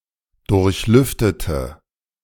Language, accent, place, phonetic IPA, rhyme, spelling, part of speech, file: German, Germany, Berlin, [ˌdʊʁçˈlʏftətə], -ʏftətə, durchlüftete, adjective / verb, De-durchlüftete.ogg
- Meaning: inflection of durchlüften: 1. first/third-person singular preterite 2. first/third-person singular subjunctive II